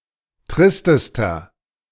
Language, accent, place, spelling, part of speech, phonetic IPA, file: German, Germany, Berlin, tristester, adjective, [ˈtʁɪstəstɐ], De-tristester.ogg
- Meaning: inflection of trist: 1. strong/mixed nominative masculine singular superlative degree 2. strong genitive/dative feminine singular superlative degree 3. strong genitive plural superlative degree